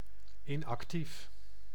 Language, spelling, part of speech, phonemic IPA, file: Dutch, inactief, adjective, /ˌɪnɑkˈtif/, Nl-inactief.ogg
- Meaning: 1. inactive, idle 2. suspended from duty, not currently deployed